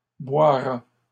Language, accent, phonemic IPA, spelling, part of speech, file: French, Canada, /bwa.ʁa/, boira, verb, LL-Q150 (fra)-boira.wav
- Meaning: third-person singular future of boire